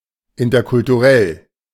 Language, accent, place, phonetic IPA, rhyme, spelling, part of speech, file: German, Germany, Berlin, [ˌɪntɐkʊltuˈʁɛl], -ɛl, interkulturell, adjective, De-interkulturell.ogg
- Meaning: intercultural